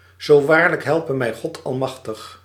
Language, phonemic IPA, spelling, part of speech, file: Dutch, /zoː ˈʋaːr.lək ˈɦɛl.pə ˌmɛi̯ ˈɣɔt ɑlˈmɑx.təx/, zo waarlijk helpe mij God Almachtig, phrase, Nl-zo waarlijk helpe mij God Almachtig.ogg
- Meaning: so help me God